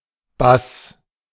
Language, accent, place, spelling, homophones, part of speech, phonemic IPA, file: German, Germany, Berlin, bass, Bass, adverb / adjective, /bas/, De-bass.ogg
- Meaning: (adverb) 1. greatly, totally, immensely; used with erstaunt (“astonished”) or, less often, other words expressing a sudden reaction/emotion 2. better, more properly, readily